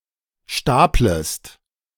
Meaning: second-person singular subjunctive I of stapeln
- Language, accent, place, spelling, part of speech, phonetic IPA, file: German, Germany, Berlin, staplest, verb, [ˈʃtaːpləst], De-staplest.ogg